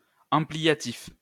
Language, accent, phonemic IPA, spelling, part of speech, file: French, France, /ɑ̃.pli.ja.tif/, ampliatif, adjective, LL-Q150 (fra)-ampliatif.wav
- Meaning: ampliative